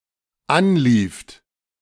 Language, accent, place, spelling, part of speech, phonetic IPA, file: German, Germany, Berlin, anlieft, verb, [ˈanˌliːft], De-anlieft.ogg
- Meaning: second-person plural dependent preterite of anlaufen